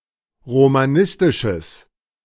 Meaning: strong/mixed nominative/accusative neuter singular of romanistisch
- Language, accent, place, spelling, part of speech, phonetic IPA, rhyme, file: German, Germany, Berlin, romanistisches, adjective, [ʁomaˈnɪstɪʃəs], -ɪstɪʃəs, De-romanistisches.ogg